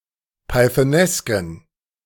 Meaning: inflection of pythonesk: 1. strong genitive masculine/neuter singular 2. weak/mixed genitive/dative all-gender singular 3. strong/weak/mixed accusative masculine singular 4. strong dative plural
- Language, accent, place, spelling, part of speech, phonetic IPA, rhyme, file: German, Germany, Berlin, pythonesken, adjective, [paɪ̯θəˈnɛskn̩], -ɛskn̩, De-pythonesken.ogg